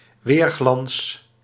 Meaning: glistening, glowing reflection; reflected shine or gleam
- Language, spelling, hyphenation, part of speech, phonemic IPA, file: Dutch, weerglans, weer‧glans, noun, /ˈʋeːr.ɣlɑns/, Nl-weerglans.ogg